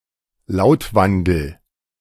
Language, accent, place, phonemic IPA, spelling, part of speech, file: German, Germany, Berlin, /ˈlaʊ̯tˌvandəl/, Lautwandel, noun, De-Lautwandel.ogg
- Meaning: sound change